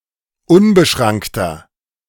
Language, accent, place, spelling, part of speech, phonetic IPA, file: German, Germany, Berlin, unbeschrankter, adjective, [ˈʊnbəˌʃʁaŋktɐ], De-unbeschrankter.ogg
- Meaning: inflection of unbeschrankt: 1. strong/mixed nominative masculine singular 2. strong genitive/dative feminine singular 3. strong genitive plural